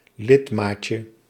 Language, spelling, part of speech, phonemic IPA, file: Dutch, lidmaatje, noun, /ˈlɪtmacə/, Nl-lidmaatje.ogg
- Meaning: diminutive of lidmaat